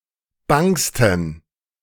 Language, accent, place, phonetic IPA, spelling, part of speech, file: German, Germany, Berlin, [ˈbaŋstn̩], bangsten, adjective, De-bangsten.ogg
- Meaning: 1. superlative degree of bang 2. inflection of bang: strong genitive masculine/neuter singular superlative degree